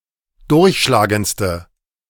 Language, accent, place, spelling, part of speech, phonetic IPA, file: German, Germany, Berlin, durchschlagendste, adjective, [ˈdʊʁçʃlaːɡənt͡stə], De-durchschlagendste.ogg
- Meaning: inflection of durchschlagend: 1. strong/mixed nominative/accusative feminine singular superlative degree 2. strong nominative/accusative plural superlative degree